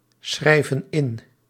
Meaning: inflection of inschrijven: 1. plural present indicative 2. plural present subjunctive
- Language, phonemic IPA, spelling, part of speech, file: Dutch, /ˈsxrɛivə(n) ˈɪn/, schrijven in, verb, Nl-schrijven in.ogg